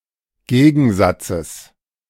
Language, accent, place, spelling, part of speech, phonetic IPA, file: German, Germany, Berlin, Gegensatzes, noun, [ˈɡeːɡn̩ˌzat͡səs], De-Gegensatzes.ogg
- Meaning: genitive singular of Gegensatz